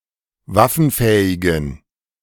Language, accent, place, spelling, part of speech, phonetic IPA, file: German, Germany, Berlin, waffenfähigen, adjective, [ˈvafn̩ˌfɛːɪɡn̩], De-waffenfähigen.ogg
- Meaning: inflection of waffenfähig: 1. strong genitive masculine/neuter singular 2. weak/mixed genitive/dative all-gender singular 3. strong/weak/mixed accusative masculine singular 4. strong dative plural